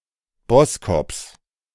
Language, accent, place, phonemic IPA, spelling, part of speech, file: German, Germany, Berlin, /ˈbɔskɔps/, Boskops, noun, De-Boskops.ogg
- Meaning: genitive singular of Boskop